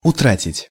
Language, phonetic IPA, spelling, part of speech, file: Russian, [ʊˈtratʲɪtʲ], утратить, verb, Ru-утратить.ogg
- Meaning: to lose